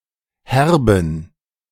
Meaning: inflection of herb: 1. strong genitive masculine/neuter singular 2. weak/mixed genitive/dative all-gender singular 3. strong/weak/mixed accusative masculine singular 4. strong dative plural
- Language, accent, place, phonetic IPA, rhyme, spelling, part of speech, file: German, Germany, Berlin, [ˈhɛʁbn̩], -ɛʁbn̩, herben, adjective, De-herben.ogg